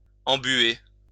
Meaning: to mud (make muddy)
- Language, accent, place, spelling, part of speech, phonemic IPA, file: French, France, Lyon, embouer, verb, /ɑ̃.bwe/, LL-Q150 (fra)-embouer.wav